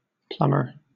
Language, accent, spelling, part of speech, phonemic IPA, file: English, Southern England, plumber, noun / verb, /ˈplʌm.ə/, LL-Q1860 (eng)-plumber.wav
- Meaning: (noun) 1. One who works in or with lead 2. One who furnishes, fits, and repairs pipes and other apparatus for the conveyance of water, gas, or drainage